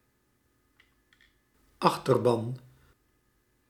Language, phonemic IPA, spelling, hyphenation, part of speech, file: Dutch, /ˈɑx.tərˌbɑn/, achterban, ach‧ter‧ban, noun, Nl-achterban.ogg
- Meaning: 1. base, e.g. a party's electorate or any organisation's supporters 2. the part of a feudal army raised by the vassals of a liege's vassals